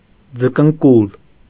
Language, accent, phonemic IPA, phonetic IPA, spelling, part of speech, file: Armenian, Eastern Armenian, /d͡zəkənˈkul/, [d͡zəkəŋkúl], ձկնկուլ, noun, Hy-ձկնկուլ.ogg
- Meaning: cormorant, Phalacrocorax